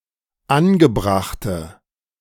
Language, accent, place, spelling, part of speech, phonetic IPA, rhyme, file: German, Germany, Berlin, angebrachte, adjective, [ˈanɡəˌbʁaxtə], -anɡəbʁaxtə, De-angebrachte.ogg
- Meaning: inflection of angebracht: 1. strong/mixed nominative/accusative feminine singular 2. strong nominative/accusative plural 3. weak nominative all-gender singular